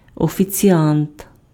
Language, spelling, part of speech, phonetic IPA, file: Ukrainian, офіціант, noun, [ɔfʲit͡sʲiˈant], Uk-офіціант.ogg
- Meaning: waiter